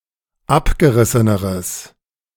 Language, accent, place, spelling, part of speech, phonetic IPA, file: German, Germany, Berlin, abgerisseneres, adjective, [ˈapɡəˌʁɪsənəʁəs], De-abgerisseneres.ogg
- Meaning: strong/mixed nominative/accusative neuter singular comparative degree of abgerissen